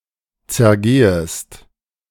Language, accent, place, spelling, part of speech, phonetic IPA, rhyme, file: German, Germany, Berlin, zergehest, verb, [t͡sɛɐ̯ˈɡeːəst], -eːəst, De-zergehest.ogg
- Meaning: second-person singular subjunctive I of zergehen